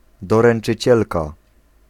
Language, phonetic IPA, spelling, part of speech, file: Polish, [ˌdɔrɛ̃n͇t͡ʃɨˈt͡ɕɛlka], doręczycielka, noun, Pl-doręczycielka.ogg